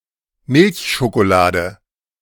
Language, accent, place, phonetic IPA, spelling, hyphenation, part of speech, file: German, Germany, Berlin, [ˈmɪlçʃokoˌlaːdə], Milchschokolade, Milch‧scho‧ko‧la‧de, noun, De-Milchschokolade.ogg
- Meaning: milk chocolate